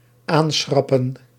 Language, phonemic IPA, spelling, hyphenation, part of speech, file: Dutch, /ˈaːnˌsxrɑ.pə(n)/, aanschrappen, aan‧schrap‧pen, verb, Nl-aanschrappen.ogg
- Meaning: to mark with a short horizontal line (e.g. a hyphen or dash)